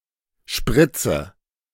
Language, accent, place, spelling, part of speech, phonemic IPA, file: German, Germany, Berlin, Spritze, noun, /ˈʃpʁɪt͡sə/, De-Spritze.ogg
- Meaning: 1. syringe 2. injection